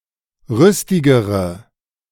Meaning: inflection of rüstig: 1. strong/mixed nominative/accusative feminine singular comparative degree 2. strong nominative/accusative plural comparative degree
- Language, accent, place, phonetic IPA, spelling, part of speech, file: German, Germany, Berlin, [ˈʁʏstɪɡəʁə], rüstigere, adjective, De-rüstigere.ogg